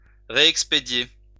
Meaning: to reship, forward
- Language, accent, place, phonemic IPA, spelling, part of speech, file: French, France, Lyon, /ʁe.ɛk.spe.dje/, réexpédier, verb, LL-Q150 (fra)-réexpédier.wav